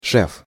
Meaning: 1. boss, chief 2. patron, sponsor
- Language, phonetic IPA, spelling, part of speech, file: Russian, [ʂɛf], шеф, noun, Ru-шеф.ogg